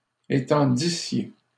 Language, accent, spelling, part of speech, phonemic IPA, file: French, Canada, étendissiez, verb, /e.tɑ̃.di.sje/, LL-Q150 (fra)-étendissiez.wav
- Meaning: second-person plural imperfect subjunctive of étendre